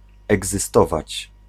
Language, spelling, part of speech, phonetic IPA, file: Polish, egzystować, verb, [ˌɛɡzɨˈstɔvat͡ɕ], Pl-egzystować.ogg